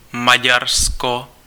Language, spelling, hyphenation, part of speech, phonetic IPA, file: Czech, Maďarsko, Ma‧ďar‧sko, proper noun, [ˈmaɟarsko], Cs-Maďarsko.ogg
- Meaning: Hungary (a country in Central Europe)